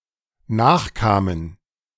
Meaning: first/third-person plural dependent preterite of nachkommen
- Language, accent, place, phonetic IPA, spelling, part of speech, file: German, Germany, Berlin, [ˈnaːxˌkaːmən], nachkamen, verb, De-nachkamen.ogg